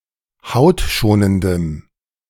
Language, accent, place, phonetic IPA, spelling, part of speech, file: German, Germany, Berlin, [ˈhaʊ̯tˌʃoːnəndəm], hautschonendem, adjective, De-hautschonendem.ogg
- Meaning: strong dative masculine/neuter singular of hautschonend